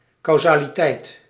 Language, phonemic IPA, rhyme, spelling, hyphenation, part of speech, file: Dutch, /ˌkɑu̯.zaː.liˈtɛi̯t/, -ɛi̯t, causaliteit, cau‧sa‧li‧teit, noun, Nl-causaliteit.ogg
- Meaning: causality